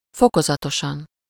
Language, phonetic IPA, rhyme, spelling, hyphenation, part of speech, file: Hungarian, [ˈfokozɒtoʃɒn], -ɒn, fokozatosan, fo‧ko‧za‧to‧san, adverb, Hu-fokozatosan.ogg
- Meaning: gradually, step by step